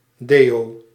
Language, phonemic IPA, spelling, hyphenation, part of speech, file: Dutch, /ˈdeː(j)oː/, deo, deo, noun, Nl-deo.ogg
- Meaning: deodorant